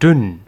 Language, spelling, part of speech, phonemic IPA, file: German, dünn, adjective, /dʏn/, De-dünn.ogg
- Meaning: 1. thin, slender, slim 2. weak, watery 3. flimsy, insufficient